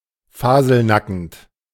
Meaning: completely naked, stark naked
- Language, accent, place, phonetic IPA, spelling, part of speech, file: German, Germany, Berlin, [ˈfaːzl̩ˌnakn̩t], faselnackend, adjective, De-faselnackend.ogg